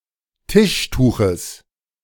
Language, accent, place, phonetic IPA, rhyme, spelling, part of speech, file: German, Germany, Berlin, [ˈtɪʃˌtuːxəs], -ɪʃtuːxəs, Tischtuches, noun, De-Tischtuches.ogg
- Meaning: genitive singular of Tischtuch